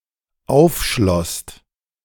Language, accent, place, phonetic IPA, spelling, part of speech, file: German, Germany, Berlin, [ˈaʊ̯fˌʃlɔst], aufschlosst, verb, De-aufschlosst.ogg
- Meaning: second-person singular/plural dependent preterite of aufschließen